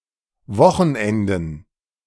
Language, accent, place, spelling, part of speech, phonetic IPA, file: German, Germany, Berlin, Wochenenden, noun, [ˈvɔxn̩ˌʔɛndn̩], De-Wochenenden.ogg
- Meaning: plural of Wochenende